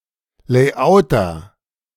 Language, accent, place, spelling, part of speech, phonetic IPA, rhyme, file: German, Germany, Berlin, Layouter, noun, [leːˈʔaʊ̯tɐ], -aʊ̯tɐ, De-Layouter.ogg
- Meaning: a layout person: someone who deals with layout